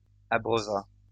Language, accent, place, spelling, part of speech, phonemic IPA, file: French, France, Lyon, abreuva, verb, /a.bʁœ.va/, LL-Q150 (fra)-abreuva.wav
- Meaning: third-person singular past historic of abreuver